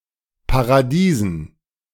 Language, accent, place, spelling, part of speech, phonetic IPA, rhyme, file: German, Germany, Berlin, Paradiesen, noun, [paʁaˈdiːzn̩], -iːzn̩, De-Paradiesen.ogg
- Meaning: dative plural of Paradies